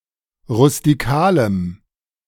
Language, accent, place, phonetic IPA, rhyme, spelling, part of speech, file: German, Germany, Berlin, [ʁʊstiˈkaːləm], -aːləm, rustikalem, adjective, De-rustikalem.ogg
- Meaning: strong dative masculine/neuter singular of rustikal